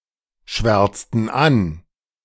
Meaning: inflection of anschwärzen: 1. first/third-person plural preterite 2. first/third-person plural subjunctive II
- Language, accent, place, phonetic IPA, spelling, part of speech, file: German, Germany, Berlin, [ˌʃvɛʁt͡stn̩ ˈan], schwärzten an, verb, De-schwärzten an.ogg